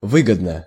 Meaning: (adverb) 1. advantageously (in an advantageous manner) 2. it pays (to do something), it's worth; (adjective) short neuter singular of вы́годный (výgodnyj)
- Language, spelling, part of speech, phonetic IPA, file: Russian, выгодно, adverb / adjective, [ˈvɨɡədnə], Ru-выгодно.ogg